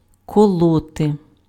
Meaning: 1. to prick, to pierce 2. to stab 3. to slaughter (pigs) with a knife 4. to chop (wood) 5. to reproach caustically
- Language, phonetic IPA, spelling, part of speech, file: Ukrainian, [kɔˈɫɔte], колоти, verb, Uk-колоти.ogg